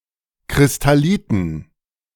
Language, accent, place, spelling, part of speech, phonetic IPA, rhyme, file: German, Germany, Berlin, Kristalliten, noun, [kʁɪstaˈliːtn̩], -iːtn̩, De-Kristalliten.ogg
- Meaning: dative plural of Kristallit